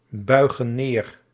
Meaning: inflection of neerbuigen: 1. plural present indicative 2. plural present subjunctive
- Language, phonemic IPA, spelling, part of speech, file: Dutch, /ˈbœyɣə(n) ˈner/, buigen neer, verb, Nl-buigen neer.ogg